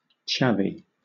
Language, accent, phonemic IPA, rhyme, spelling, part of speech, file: English, Southern England, /ˈt͡ʃævi/, -ævi, chavvy, adjective, LL-Q1860 (eng)-chavvy.wav
- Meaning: Of or pertaining to a chav or something that a chav might do or use